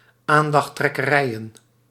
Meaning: plural of aandachttrekkerij
- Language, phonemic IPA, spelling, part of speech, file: Dutch, /ˈandɑxˌtrɛkəˌrɛijə(n)/, aandachttrekkerijen, noun, Nl-aandachttrekkerijen.ogg